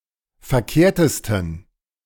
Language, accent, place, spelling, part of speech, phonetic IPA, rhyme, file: German, Germany, Berlin, verkehrtesten, adjective, [fɛɐ̯ˈkeːɐ̯təstn̩], -eːɐ̯təstn̩, De-verkehrtesten.ogg
- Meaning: 1. superlative degree of verkehrt 2. inflection of verkehrt: strong genitive masculine/neuter singular superlative degree